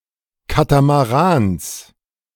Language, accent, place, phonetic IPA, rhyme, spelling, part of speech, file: German, Germany, Berlin, [ˌkatamaˈʁaːns], -aːns, Katamarans, noun, De-Katamarans.ogg
- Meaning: genitive singular of Katamaran